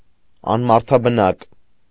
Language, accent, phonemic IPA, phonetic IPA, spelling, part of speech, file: Armenian, Eastern Armenian, /ɑnmɑɾtʰɑbəˈnɑk/, [ɑnmɑɾtʰɑbənɑ́k], անմարդաբնակ, adjective, Hy-անմարդաբնակ.ogg
- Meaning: 1. uninhabited 2. deserted, abandoned